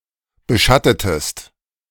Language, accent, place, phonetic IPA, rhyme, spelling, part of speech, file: German, Germany, Berlin, [bəˈʃatətəst], -atətəst, beschattetest, verb, De-beschattetest.ogg
- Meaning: inflection of beschatten: 1. second-person singular preterite 2. second-person singular subjunctive II